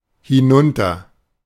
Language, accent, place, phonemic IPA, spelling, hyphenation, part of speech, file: German, Germany, Berlin, /hɪˈnʊntɐ/, hinunter, hin‧un‧ter, adverb, De-hinunter.ogg
- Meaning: down, downwards (from the own location downwards)